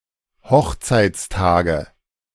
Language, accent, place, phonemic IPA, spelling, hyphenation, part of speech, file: German, Germany, Berlin, /ˈhɔxt͡saɪ̯t͡sˌtaːɡə/, Hochzeitstage, Hoch‧zeits‧ta‧ge, noun, De-Hochzeitstage.ogg
- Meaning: nominative/accusative/genitive plural of Hochzeitstag